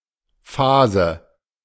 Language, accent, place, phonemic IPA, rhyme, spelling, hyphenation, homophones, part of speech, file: German, Germany, Berlin, /ˈfaːzə/, -aːzə, Fase, Fa‧se, fase / Phase, noun, De-Fase.ogg
- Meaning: chamfer (an angled relief or cut at an edge)